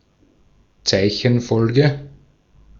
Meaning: string, character string
- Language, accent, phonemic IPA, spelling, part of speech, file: German, Austria, /ˈt͡saɪ̯çənˌfɔlɡə/, Zeichenfolge, noun, De-at-Zeichenfolge.ogg